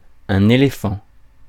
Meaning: 1. elephant (large mammal of the family Elephantidae in the order Proboscidea) 2. male elephant
- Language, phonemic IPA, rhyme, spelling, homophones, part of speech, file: French, /e.le.fɑ̃/, -ɑ̃, éléphant, éléphants, noun, Fr-éléphant.ogg